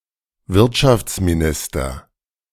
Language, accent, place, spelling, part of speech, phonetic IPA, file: German, Germany, Berlin, Wirtschaftsminister, noun, [ˈvɪʁtʃaft͡smiˌnɪstɐ], De-Wirtschaftsminister.ogg
- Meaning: minister of the economy (and/or of trade and commerce)